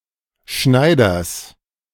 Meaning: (noun) genitive singular of Schneider; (proper noun) plural of Schneider
- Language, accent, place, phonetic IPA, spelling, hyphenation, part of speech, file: German, Germany, Berlin, [ˈʃnaɪ̯dɐs], Schneiders, Schnei‧ders, noun / proper noun, De-Schneiders.ogg